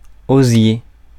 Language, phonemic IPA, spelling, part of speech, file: French, /o.zje/, osier, noun, Fr-osier.ogg
- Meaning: 1. osier (tree) 2. wicker 3. willow